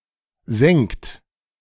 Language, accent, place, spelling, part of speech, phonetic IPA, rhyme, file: German, Germany, Berlin, senkt, verb, [zɛŋkt], -ɛŋkt, De-senkt.ogg
- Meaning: inflection of senken: 1. third-person singular present 2. second-person plural present 3. plural imperative